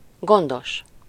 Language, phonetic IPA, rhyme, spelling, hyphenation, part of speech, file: Hungarian, [ˈɡondoʃ], -oʃ, gondos, gon‧dos, adjective, Hu-gondos.ogg
- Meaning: careful, cautious